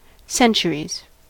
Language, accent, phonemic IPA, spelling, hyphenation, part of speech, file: English, US, /ˈsɛn.t͡ʃə.ɹiz/, centuries, cen‧tu‧ries, noun, En-us-centuries.ogg
- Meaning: plural of century